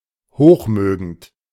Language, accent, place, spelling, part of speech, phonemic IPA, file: German, Germany, Berlin, hochmögend, adjective, /ˈhoːχˌmøːɡənt/, De-hochmögend.ogg
- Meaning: powerful, influential